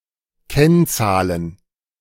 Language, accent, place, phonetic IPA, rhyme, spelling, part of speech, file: German, Germany, Berlin, [ˈkɛnˌt͡saːlən], -ɛnt͡saːlən, Kennzahlen, noun, De-Kennzahlen.ogg
- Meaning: plural of Kennzahl